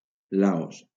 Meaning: Laos (a country in Southeast Asia)
- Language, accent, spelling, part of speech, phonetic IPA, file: Catalan, Valencia, Laos, proper noun, [ˈla.os], LL-Q7026 (cat)-Laos.wav